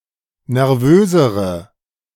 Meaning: inflection of nervös: 1. strong/mixed nominative/accusative feminine singular comparative degree 2. strong nominative/accusative plural comparative degree
- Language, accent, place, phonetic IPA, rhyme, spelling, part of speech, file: German, Germany, Berlin, [nɛʁˈvøːzəʁə], -øːzəʁə, nervösere, adjective, De-nervösere.ogg